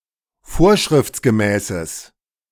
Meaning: strong/mixed nominative/accusative neuter singular of vorschriftsgemäß
- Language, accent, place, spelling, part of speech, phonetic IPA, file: German, Germany, Berlin, vorschriftsgemäßes, adjective, [ˈfoːɐ̯ʃʁɪft͡sɡəˌmɛːsəs], De-vorschriftsgemäßes.ogg